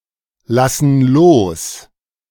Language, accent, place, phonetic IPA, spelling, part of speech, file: German, Germany, Berlin, [ˌlasn̩ ˈloːs], lassen los, verb, De-lassen los.ogg
- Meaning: inflection of loslassen: 1. first/third-person plural present 2. first/third-person plural subjunctive I